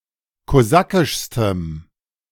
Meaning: strong dative masculine/neuter singular superlative degree of kosakisch
- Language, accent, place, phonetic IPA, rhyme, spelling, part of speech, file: German, Germany, Berlin, [koˈzakɪʃstəm], -akɪʃstəm, kosakischstem, adjective, De-kosakischstem.ogg